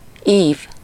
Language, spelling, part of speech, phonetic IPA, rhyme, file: Hungarian, ív, noun, [ˈiːv], -iːv, Hu-ív.ogg
- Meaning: 1. arc (curve) 2. arch (building) 3. sheet (of paper) 4. signature (a group of four (or a multiple of four) pages printed such that, when folded, they become a section of a book)